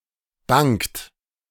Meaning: inflection of bangen: 1. third-person singular present 2. second-person plural present 3. plural imperative
- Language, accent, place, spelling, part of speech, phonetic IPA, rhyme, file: German, Germany, Berlin, bangt, verb, [baŋt], -aŋt, De-bangt.ogg